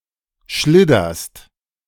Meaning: second-person singular present of schliddern
- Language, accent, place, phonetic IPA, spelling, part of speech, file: German, Germany, Berlin, [ˈʃlɪdɐst], schlidderst, verb, De-schlidderst.ogg